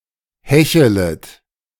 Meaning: second-person plural subjunctive I of hecheln
- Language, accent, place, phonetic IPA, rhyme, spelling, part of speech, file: German, Germany, Berlin, [ˈhɛçələt], -ɛçələt, hechelet, verb, De-hechelet.ogg